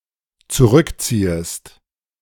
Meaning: second-person singular dependent subjunctive I of zurückziehen
- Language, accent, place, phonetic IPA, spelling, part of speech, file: German, Germany, Berlin, [t͡suˈʁʏkˌt͡siːəst], zurückziehest, verb, De-zurückziehest.ogg